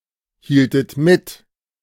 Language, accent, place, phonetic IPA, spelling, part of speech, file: German, Germany, Berlin, [ˌhiːltət ˈmɪt], hieltet mit, verb, De-hieltet mit.ogg
- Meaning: inflection of mithalten: 1. second-person plural preterite 2. second-person plural subjunctive II